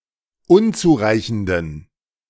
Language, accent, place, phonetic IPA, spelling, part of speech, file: German, Germany, Berlin, [ˈʊnt͡suːˌʁaɪ̯çn̩dən], unzureichenden, adjective, De-unzureichenden.ogg
- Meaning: inflection of unzureichend: 1. strong genitive masculine/neuter singular 2. weak/mixed genitive/dative all-gender singular 3. strong/weak/mixed accusative masculine singular 4. strong dative plural